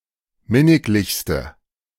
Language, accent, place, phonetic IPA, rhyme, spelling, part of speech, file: German, Germany, Berlin, [ˈmɪnɪklɪçstə], -ɪnɪklɪçstə, minniglichste, adjective, De-minniglichste.ogg
- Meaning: inflection of minniglich: 1. strong/mixed nominative/accusative feminine singular superlative degree 2. strong nominative/accusative plural superlative degree